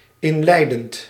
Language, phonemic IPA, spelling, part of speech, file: Dutch, /ɪnˈlɛidənt/, inleidend, verb / adjective, Nl-inleidend.ogg
- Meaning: present participle of inleiden